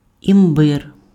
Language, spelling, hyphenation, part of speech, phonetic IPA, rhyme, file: Ukrainian, імбир, ім‧бир, noun, [imˈbɪr], -ɪr, Uk-імбир.ogg
- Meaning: ginger